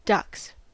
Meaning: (noun) 1. plural of duck 2. A pair of twos 3. Dear (used as a pet name) 4. The light trousers worn by sailors in hot climates; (verb) third-person singular simple present indicative of duck
- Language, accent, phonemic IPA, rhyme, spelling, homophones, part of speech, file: English, US, /dʌks/, -ʌks, ducks, dux, noun / verb, En-us-ducks.ogg